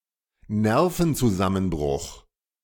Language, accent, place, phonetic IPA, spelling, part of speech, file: German, Germany, Berlin, [ˈnɛʁfn̩t͡suˌzamənbʁʊx], Nervenzusammenbruch, noun, De-Nervenzusammenbruch.ogg
- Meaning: nervous breakdown